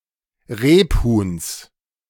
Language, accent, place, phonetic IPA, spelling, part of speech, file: German, Germany, Berlin, [ˈʁeːpˌhuːns], Rebhuhns, noun, De-Rebhuhns.ogg
- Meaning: genitive singular of Rebhuhn